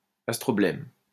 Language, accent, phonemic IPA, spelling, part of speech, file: French, France, /as.tʁɔ.blɛm/, astroblème, noun, LL-Q150 (fra)-astroblème.wav
- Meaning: astrobleme